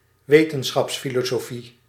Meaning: philosophy of science
- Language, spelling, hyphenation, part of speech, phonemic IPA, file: Dutch, wetenschapsfilosofie, we‧ten‧schaps‧fi‧lo‧so‧fie, noun, /ˈʋeː.tə(n).sxɑps.fi.loː.soːˌfi/, Nl-wetenschapsfilosofie.ogg